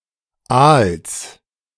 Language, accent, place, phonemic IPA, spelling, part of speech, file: German, Germany, Berlin, /ʔaːls/, Aals, noun, De-Aals.ogg
- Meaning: genitive singular of Aal